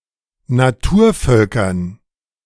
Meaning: dative plural of Naturvolk
- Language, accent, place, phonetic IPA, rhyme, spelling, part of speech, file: German, Germany, Berlin, [naˈtuːɐ̯ˌfœlkɐn], -uːɐ̯fœlkɐn, Naturvölkern, noun, De-Naturvölkern.ogg